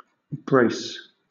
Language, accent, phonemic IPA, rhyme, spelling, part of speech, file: English, Southern England, /bɹeɪs/, -eɪs, brace, noun / verb, LL-Q1860 (eng)-brace.wav
- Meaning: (noun) 1. A curved instrument or handle of iron or wood, for holding and turning bits, etc.; a bitstock 2. That which holds anything tightly or supports it firmly; a bandage or a prop